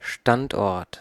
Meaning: 1. location, place, site 2. base 3. position
- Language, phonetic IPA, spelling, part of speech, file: German, [ˈʃtantˌʔɔʁt], Standort, noun, De-Standort.ogg